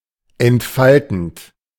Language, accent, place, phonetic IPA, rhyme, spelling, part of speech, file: German, Germany, Berlin, [ɛntˈfaltn̩t], -altn̩t, entfaltend, verb, De-entfaltend.ogg
- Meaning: present participle of entfalten